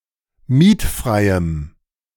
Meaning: strong dative masculine/neuter singular of mietfrei
- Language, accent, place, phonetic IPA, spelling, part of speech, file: German, Germany, Berlin, [ˈmiːtˌfʁaɪ̯əm], mietfreiem, adjective, De-mietfreiem.ogg